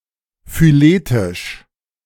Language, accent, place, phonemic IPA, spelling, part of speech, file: German, Germany, Berlin, /fyˈleːtɪʃ/, phyletisch, adjective, De-phyletisch.ogg
- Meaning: phyletic